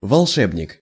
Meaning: wizard, sorcerer, magician
- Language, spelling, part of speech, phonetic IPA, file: Russian, волшебник, noun, [vɐɫˈʂɛbnʲɪk], Ru-волшебник.ogg